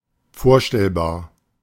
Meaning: imaginable
- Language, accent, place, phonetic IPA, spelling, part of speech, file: German, Germany, Berlin, [ˈfoːɐ̯ˌʃtɛlbaːɐ̯], vorstellbar, adjective, De-vorstellbar.ogg